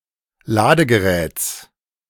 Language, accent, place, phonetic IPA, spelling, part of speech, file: German, Germany, Berlin, [ˈlaːdəɡəˌʁɛːt͡s], Ladegeräts, noun, De-Ladegeräts.ogg
- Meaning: genitive singular of Ladegerät